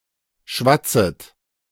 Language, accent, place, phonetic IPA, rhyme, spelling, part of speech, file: German, Germany, Berlin, [ˈʃvat͡sət], -at͡sət, schwatzet, verb, De-schwatzet.ogg
- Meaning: second-person plural subjunctive I of schwatzen